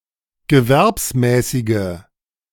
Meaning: inflection of gewerbsmäßig: 1. strong/mixed nominative/accusative feminine singular 2. strong nominative/accusative plural 3. weak nominative all-gender singular
- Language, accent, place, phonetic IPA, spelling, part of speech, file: German, Germany, Berlin, [ɡəˈvɛʁpsˌmɛːsɪɡə], gewerbsmäßige, adjective, De-gewerbsmäßige.ogg